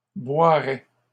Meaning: first/second-person singular conditional of boire
- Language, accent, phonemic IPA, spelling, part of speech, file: French, Canada, /bwa.ʁɛ/, boirais, verb, LL-Q150 (fra)-boirais.wav